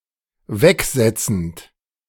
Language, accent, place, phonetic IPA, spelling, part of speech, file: German, Germany, Berlin, [ˈvɛkˌzɛt͡sn̩t], wegsetzend, verb, De-wegsetzend.ogg
- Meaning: present participle of wegsetzen